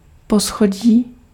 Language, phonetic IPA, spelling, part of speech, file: Czech, [ˈposxoɟiː], poschodí, noun, Cs-poschodí.ogg
- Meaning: floor, storey